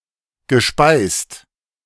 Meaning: past participle of speisen
- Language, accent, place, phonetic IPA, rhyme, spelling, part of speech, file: German, Germany, Berlin, [ɡəˈʃpaɪ̯st], -aɪ̯st, gespeist, verb, De-gespeist.ogg